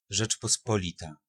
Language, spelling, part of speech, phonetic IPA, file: Polish, Rzeczpospolita, noun, [ˌʒɛt͡ʃpɔˈspɔlʲita], Pl-Rzeczpospolita.ogg